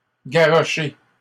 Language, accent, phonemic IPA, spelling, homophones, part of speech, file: French, Canada, /ɡa.ʁɔ.ʃe/, garroché, garrochai / garrochée / garrochées / garrocher / garrochés / garrochez, verb, LL-Q150 (fra)-garroché.wav
- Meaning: past participle of garrocher